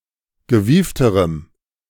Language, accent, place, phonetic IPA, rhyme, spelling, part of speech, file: German, Germany, Berlin, [ɡəˈviːftəʁəm], -iːftəʁəm, gewiefterem, adjective, De-gewiefterem.ogg
- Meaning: strong dative masculine/neuter singular comparative degree of gewieft